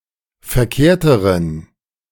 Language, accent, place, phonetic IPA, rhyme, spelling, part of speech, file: German, Germany, Berlin, [fɛɐ̯ˈkeːɐ̯təʁən], -eːɐ̯təʁən, verkehrteren, adjective, De-verkehrteren.ogg
- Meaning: inflection of verkehrt: 1. strong genitive masculine/neuter singular comparative degree 2. weak/mixed genitive/dative all-gender singular comparative degree